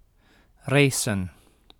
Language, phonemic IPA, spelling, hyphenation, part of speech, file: Dutch, /ˈreːsə(n)/, racen, ra‧cen, verb, Nl-racen.ogg
- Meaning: to have a speed contest, to race